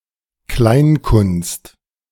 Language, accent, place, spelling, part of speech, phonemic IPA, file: German, Germany, Berlin, Kleinkunst, noun, /ˈklaɪ̯nˌkʊnst/, De-Kleinkunst.ogg
- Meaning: 1. cabaret 2. handicraft